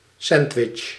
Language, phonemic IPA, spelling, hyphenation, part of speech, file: Dutch, /ˈsɛnd.ʋɪtʃ/, sandwich, sand‧wich, noun, Nl-sandwich.ogg
- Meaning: sandwich